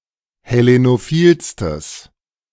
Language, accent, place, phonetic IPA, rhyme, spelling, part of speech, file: German, Germany, Berlin, [hɛˌlenoˈfiːlstəs], -iːlstəs, hellenophilstes, adjective, De-hellenophilstes.ogg
- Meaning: strong/mixed nominative/accusative neuter singular superlative degree of hellenophil